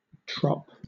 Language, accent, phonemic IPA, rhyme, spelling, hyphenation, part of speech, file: English, Southern England, /tɹɒp/, -ɒp, trop, trop, noun, LL-Q1860 (eng)-trop.wav
- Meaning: 1. Abbreviation of troponin 2. Alternative form of trope (“cantillation pattern”)